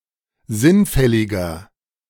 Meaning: 1. comparative degree of sinnfällig 2. inflection of sinnfällig: strong/mixed nominative masculine singular 3. inflection of sinnfällig: strong genitive/dative feminine singular
- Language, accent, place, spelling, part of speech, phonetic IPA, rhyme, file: German, Germany, Berlin, sinnfälliger, adjective, [ˈzɪnˌfɛlɪɡɐ], -ɪnfɛlɪɡɐ, De-sinnfälliger.ogg